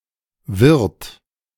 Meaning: inflection of wirren: 1. second-person plural present 2. third-person singular present 3. plural imperative
- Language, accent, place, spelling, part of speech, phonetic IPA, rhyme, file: German, Germany, Berlin, wirrt, verb, [vɪʁt], -ɪʁt, De-wirrt.ogg